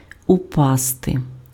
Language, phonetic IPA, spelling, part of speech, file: Ukrainian, [ʊˈpaste], упасти, verb, Uk-упасти.ogg
- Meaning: 1. to drop 2. to fall 3. to rain